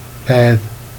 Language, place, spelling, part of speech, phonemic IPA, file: Jèrriais, Jersey, péthe, noun, /pɛð/, Jer-péthe.ogg
- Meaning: father